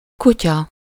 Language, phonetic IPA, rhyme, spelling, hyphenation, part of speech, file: Hungarian, [ˈkucɒ], -cɒ, kutya, ku‧tya, noun, Hu-kutya.ogg
- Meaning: dog